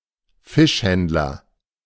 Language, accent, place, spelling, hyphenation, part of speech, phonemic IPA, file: German, Germany, Berlin, Fischhändler, Fisch‧händ‧ler, noun, /ˈfɪʃˌhɛntlɐ/, De-Fischhändler.ogg
- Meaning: fishmonger